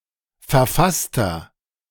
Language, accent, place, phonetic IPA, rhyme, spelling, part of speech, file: German, Germany, Berlin, [fɛɐ̯ˈfastɐ], -astɐ, verfasster, adjective, De-verfasster.ogg
- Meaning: inflection of verfasst: 1. strong/mixed nominative masculine singular 2. strong genitive/dative feminine singular 3. strong genitive plural